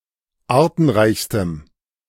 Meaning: strong dative masculine/neuter singular superlative degree of artenreich
- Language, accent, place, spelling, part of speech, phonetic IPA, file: German, Germany, Berlin, artenreichstem, adjective, [ˈaːɐ̯tn̩ˌʁaɪ̯çstəm], De-artenreichstem.ogg